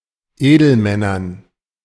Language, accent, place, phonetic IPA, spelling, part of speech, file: German, Germany, Berlin, [ˈeːdl̩ˌmɛnɐn], Edelmännern, noun, De-Edelmännern.ogg
- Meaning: dative plural of Edelmann